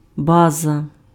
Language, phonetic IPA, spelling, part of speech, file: Ukrainian, [ˈbazɐ], база, noun, Uk-база.ogg
- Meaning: 1. base, basis, foundation 2. a based (admirable, praiseworthy) thing